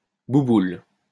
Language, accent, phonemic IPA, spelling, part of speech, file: French, France, /bu.bul/, bouboule, noun / verb, LL-Q150 (fra)-bouboule.wav
- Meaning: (noun) fatty; fat person; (verb) inflection of boubouler: 1. first/third-person singular present indicative/subjunctive 2. second-person singular imperative